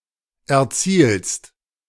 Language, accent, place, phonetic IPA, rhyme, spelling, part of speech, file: German, Germany, Berlin, [ɛɐ̯ˈt͡siːlst], -iːlst, erzielst, verb, De-erzielst.ogg
- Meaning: second-person singular present of erzielen